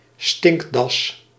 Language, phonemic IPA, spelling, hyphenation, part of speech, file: Dutch, /ˈstɪŋk.dɑs/, stinkdas, stink‧das, noun, Nl-stinkdas.ogg
- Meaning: a stink badger, mephitine of the genus Mydaus